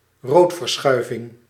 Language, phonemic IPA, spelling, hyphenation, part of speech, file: Dutch, /ˈroːt.vərˌsxœy̯.vɪŋ/, roodverschuiving, rood‧ver‧schui‧ving, noun, Nl-roodverschuiving.ogg
- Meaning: redshift